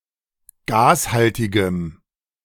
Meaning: strong dative masculine/neuter singular of gashaltig
- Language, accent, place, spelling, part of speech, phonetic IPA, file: German, Germany, Berlin, gashaltigem, adjective, [ˈɡaːsˌhaltɪɡəm], De-gashaltigem.ogg